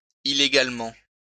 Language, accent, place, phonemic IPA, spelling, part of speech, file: French, France, Lyon, /i.le.ɡal.mɑ̃/, illégalement, adverb, LL-Q150 (fra)-illégalement.wav
- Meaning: illegally